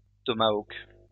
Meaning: tomahawk
- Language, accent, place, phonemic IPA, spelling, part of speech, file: French, France, Lyon, /tɔ.ma.ok/, tomahawk, noun, LL-Q150 (fra)-tomahawk.wav